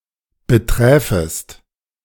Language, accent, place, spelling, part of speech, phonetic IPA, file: German, Germany, Berlin, beträfest, verb, [bəˈtʁɛːfəst], De-beträfest.ogg
- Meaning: second-person singular subjunctive I of betreffen